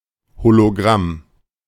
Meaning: hologram
- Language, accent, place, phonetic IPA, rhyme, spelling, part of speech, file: German, Germany, Berlin, [holoˈɡʁam], -am, Hologramm, noun, De-Hologramm.ogg